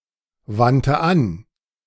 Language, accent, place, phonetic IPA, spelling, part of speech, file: German, Germany, Berlin, [ˌvantə ˈan], wandte an, verb, De-wandte an.ogg
- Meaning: first/third-person singular preterite of anwenden